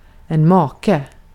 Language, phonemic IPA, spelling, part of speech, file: Swedish, /ˈmɑːˌkɛ/, make, noun, Sv-make.ogg
- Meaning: 1. a spouse, a husband, a married man (mostly referring to a specific relation) 2. something alike, likes